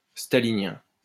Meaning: of Stalinism; Stalinist
- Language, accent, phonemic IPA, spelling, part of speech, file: French, France, /sta.li.njɛ̃/, stalinien, adjective, LL-Q150 (fra)-stalinien.wav